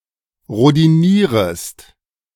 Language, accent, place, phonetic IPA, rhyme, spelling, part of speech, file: German, Germany, Berlin, [ʁodiˈniːʁəst], -iːʁəst, rhodinierest, verb, De-rhodinierest.ogg
- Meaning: second-person singular subjunctive I of rhodinieren